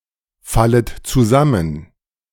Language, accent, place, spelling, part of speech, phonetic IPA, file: German, Germany, Berlin, fallet zusammen, verb, [ˌfalət t͡suˈzamən], De-fallet zusammen.ogg
- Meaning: second-person plural subjunctive I of zusammenfallen